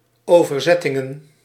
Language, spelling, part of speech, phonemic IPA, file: Dutch, overzettingen, noun, /ˈovərˌzɛtɪŋə(n)/, Nl-overzettingen.ogg
- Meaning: plural of overzetting